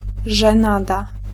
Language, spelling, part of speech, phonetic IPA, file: Polish, żenada, noun, [ʒɛ̃ˈnada], Pl-żenada.ogg